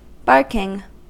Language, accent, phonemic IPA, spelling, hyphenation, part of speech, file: English, US, /ˈbɑɹkɪŋ/, barking, bark‧ing, verb / adjective / noun, En-us-barking.ogg
- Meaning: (verb) present participle and gerund of bark; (adjective) Clipping of barking mad; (noun) The action of the verb to bark